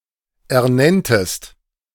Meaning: second-person singular subjunctive II of ernennen
- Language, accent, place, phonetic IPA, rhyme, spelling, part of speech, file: German, Germany, Berlin, [ɛɐ̯ˈnɛntəst], -ɛntəst, ernenntest, verb, De-ernenntest.ogg